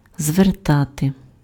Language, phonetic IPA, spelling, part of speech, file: Ukrainian, [zʋerˈtate], звертати, verb, Uk-звертати.ogg
- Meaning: 1. to turn (change one's direction of movement) 2. to turn (change the direction or orientation of) 3. to turn, to direct, to address (:words, gaze, attention), to pay (:attention)